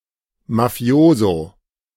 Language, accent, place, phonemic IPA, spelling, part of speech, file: German, Germany, Berlin, /maˈfi̯oːzo/, Mafioso, noun, De-Mafioso.ogg
- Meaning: Mafioso, mobster